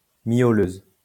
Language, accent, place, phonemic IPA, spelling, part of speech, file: French, France, Lyon, /mjo.løz/, miauleuse, adjective, LL-Q150 (fra)-miauleuse.wav
- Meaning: feminine singular of miauleur